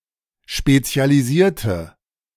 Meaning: inflection of spezialisieren: 1. first/third-person singular preterite 2. first/third-person singular subjunctive II
- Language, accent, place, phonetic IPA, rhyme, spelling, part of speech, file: German, Germany, Berlin, [ˌʃpet͡si̯aliˈziːɐ̯tə], -iːɐ̯tə, spezialisierte, adjective / verb, De-spezialisierte.ogg